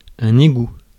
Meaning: 1. drain 2. sewer
- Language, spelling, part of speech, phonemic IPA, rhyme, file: French, égout, noun, /e.ɡu/, -u, Fr-égout.ogg